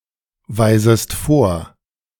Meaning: second-person singular subjunctive I of vorweisen
- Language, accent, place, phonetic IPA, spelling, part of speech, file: German, Germany, Berlin, [ˌvaɪ̯zəst ˈfoːɐ̯], weisest vor, verb, De-weisest vor.ogg